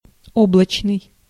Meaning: 1. cloudy, made of, covered with or related to clouds 2. sparsely cloudy, with a few separated clouds and gaps of clear sky between 3. internet, virtual
- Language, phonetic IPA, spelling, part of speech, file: Russian, [ˈobɫət͡ɕnɨj], облачный, adjective, Ru-облачный.ogg